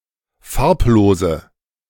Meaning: inflection of farblos: 1. strong/mixed nominative/accusative feminine singular 2. strong nominative/accusative plural 3. weak nominative all-gender singular 4. weak accusative feminine/neuter singular
- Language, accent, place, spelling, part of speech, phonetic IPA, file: German, Germany, Berlin, farblose, adjective, [ˈfaʁpˌloːzə], De-farblose.ogg